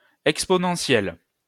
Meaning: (adjective) feminine singular of exponentiel; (noun) exponential function
- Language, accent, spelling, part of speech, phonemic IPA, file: French, France, exponentielle, adjective / noun, /ɛk.spɔ.nɑ̃.sjɛl/, LL-Q150 (fra)-exponentielle.wav